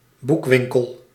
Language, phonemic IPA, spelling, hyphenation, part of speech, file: Dutch, /ˈbukˌʋiŋ.kəl/, boekwinkel, boek‧win‧kel, noun, Nl-boekwinkel.ogg
- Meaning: bookshop, bookstore